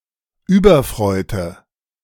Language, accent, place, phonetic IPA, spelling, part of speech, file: German, Germany, Berlin, [ˈyːbɐˌfr̺ɔɪ̯tə], überfreute, adjective, De-überfreute.ogg
- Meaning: inflection of überfreut: 1. strong/mixed nominative/accusative feminine singular 2. strong nominative/accusative plural 3. weak nominative all-gender singular